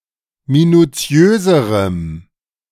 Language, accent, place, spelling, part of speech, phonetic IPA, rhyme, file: German, Germany, Berlin, minuziöserem, adjective, [minuˈt͡si̯øːzəʁəm], -øːzəʁəm, De-minuziöserem.ogg
- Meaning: strong dative masculine/neuter singular comparative degree of minuziös